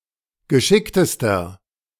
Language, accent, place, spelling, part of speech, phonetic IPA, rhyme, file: German, Germany, Berlin, geschicktester, adjective, [ɡəˈʃɪktəstɐ], -ɪktəstɐ, De-geschicktester.ogg
- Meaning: inflection of geschickt: 1. strong/mixed nominative masculine singular superlative degree 2. strong genitive/dative feminine singular superlative degree 3. strong genitive plural superlative degree